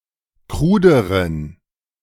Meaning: inflection of krud: 1. strong genitive masculine/neuter singular comparative degree 2. weak/mixed genitive/dative all-gender singular comparative degree
- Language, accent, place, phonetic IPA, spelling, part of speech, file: German, Germany, Berlin, [ˈkʁuːdəʁən], kruderen, adjective, De-kruderen.ogg